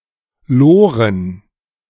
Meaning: plural of Lore
- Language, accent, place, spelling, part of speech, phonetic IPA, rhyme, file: German, Germany, Berlin, Loren, noun, [ˈloːʁən], -oːʁən, De-Loren.ogg